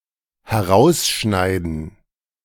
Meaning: to cut out
- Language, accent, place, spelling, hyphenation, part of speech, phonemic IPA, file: German, Germany, Berlin, herausschneiden, he‧r‧aus‧schnei‧den, verb, /hɛˈʁaʊ̯sˌʃnaɪ̯dn̩/, De-herausschneiden.ogg